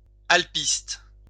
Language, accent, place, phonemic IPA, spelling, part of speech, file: French, France, Lyon, /al.pist/, alpiste, noun, LL-Q150 (fra)-alpiste.wav
- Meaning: canary grass (Phalaris canariensis)